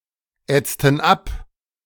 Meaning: inflection of abätzen: 1. first/third-person plural preterite 2. first/third-person plural subjunctive II
- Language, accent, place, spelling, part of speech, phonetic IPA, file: German, Germany, Berlin, ätzten ab, verb, [ˌɛt͡stn̩ ˈap], De-ätzten ab.ogg